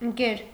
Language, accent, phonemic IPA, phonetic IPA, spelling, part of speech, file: Armenian, Eastern Armenian, /ənˈkeɾ/, [əŋkéɾ], ընկեր, noun, Hy-ընկեր.ogg
- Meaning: 1. friend (usually male) 2. comrade (form of address) 3. form of address to a teacher or professor 4. pal, buddy 5. companion 6. boyfriend